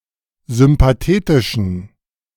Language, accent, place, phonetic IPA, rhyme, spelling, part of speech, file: German, Germany, Berlin, [zʏmpaˈteːtɪʃn̩], -eːtɪʃn̩, sympathetischen, adjective, De-sympathetischen.ogg
- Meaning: inflection of sympathetisch: 1. strong genitive masculine/neuter singular 2. weak/mixed genitive/dative all-gender singular 3. strong/weak/mixed accusative masculine singular 4. strong dative plural